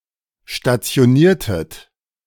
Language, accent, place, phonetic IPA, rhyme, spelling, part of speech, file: German, Germany, Berlin, [ʃtat͡si̯oˈniːɐ̯tət], -iːɐ̯tət, stationiertet, verb, De-stationiertet.ogg
- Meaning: inflection of stationieren: 1. second-person plural preterite 2. second-person plural subjunctive II